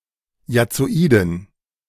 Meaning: inflection of jazzoid: 1. strong genitive masculine/neuter singular 2. weak/mixed genitive/dative all-gender singular 3. strong/weak/mixed accusative masculine singular 4. strong dative plural
- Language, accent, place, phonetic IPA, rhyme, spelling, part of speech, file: German, Germany, Berlin, [jat͡soˈiːdn̩], -iːdn̩, jazzoiden, adjective, De-jazzoiden.ogg